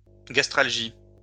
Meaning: gastralgia
- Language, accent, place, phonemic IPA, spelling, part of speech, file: French, France, Lyon, /ɡas.tʁal.ʒi/, gastralgie, noun, LL-Q150 (fra)-gastralgie.wav